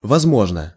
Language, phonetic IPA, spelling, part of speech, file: Russian, [vɐzˈmoʐnə], возможно, adverb / adjective, Ru-возможно.ogg
- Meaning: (adverb) perhaps, possibly, as ... as possible; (adjective) short neuter singular of возмо́жный (vozmóžnyj)